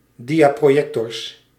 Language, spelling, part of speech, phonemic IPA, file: Dutch, diaprojectors, noun, /ˈdijaproˌjɛktɔrs/, Nl-diaprojectors.ogg
- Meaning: plural of diaprojector